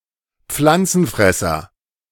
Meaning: herbivore, plant-eater
- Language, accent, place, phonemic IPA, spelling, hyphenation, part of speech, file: German, Germany, Berlin, /ˈpflantsənˌfrɛsər/, Pflanzenfresser, Pflan‧zen‧fres‧ser, noun, De-Pflanzenfresser.ogg